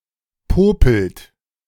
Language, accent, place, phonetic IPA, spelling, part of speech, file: German, Germany, Berlin, [ˈpoːpl̩t], popelt, verb, De-popelt.ogg
- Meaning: inflection of popeln: 1. third-person singular present 2. second-person plural present 3. plural imperative